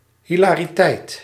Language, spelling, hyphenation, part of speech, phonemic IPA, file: Dutch, hilariteit, hi‧la‧ri‧teit, noun, /ˌɦi.laː.riˈtɛi̯t/, Nl-hilariteit.ogg
- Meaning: hilarity